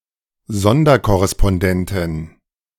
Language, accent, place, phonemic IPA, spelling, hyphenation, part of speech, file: German, Germany, Berlin, /ˈzɔndɐkɔʁɛspɔnˈdɛntɪn/, Sonderkorrespondentin, Son‧der‧kor‧res‧pon‧den‧tin, noun, De-Sonderkorrespondentin.ogg
- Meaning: female equivalent of Sonderkorrespondent